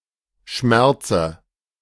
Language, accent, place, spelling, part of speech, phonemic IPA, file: German, Germany, Berlin, Schmerze, noun, /ˈʃmɛʁt͡sə/, De-Schmerze.ogg
- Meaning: dative of Schmerz